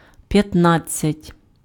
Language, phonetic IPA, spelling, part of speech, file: Ukrainian, [pjɐtˈnad͡zʲt͡sʲɐtʲ], п'ятнадцять, numeral, Uk-п'ятнадцять.ogg
- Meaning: fifteen (15)